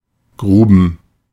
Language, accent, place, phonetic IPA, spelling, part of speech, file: German, Germany, Berlin, [ˈɡʁuːbn̩], Gruben, noun, De-Gruben.ogg
- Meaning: plural of Grube